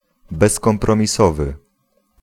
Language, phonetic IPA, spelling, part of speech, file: Polish, [ˌbɛskɔ̃mprɔ̃mʲiˈsɔvɨ], bezkompromisowy, adjective, Pl-bezkompromisowy.ogg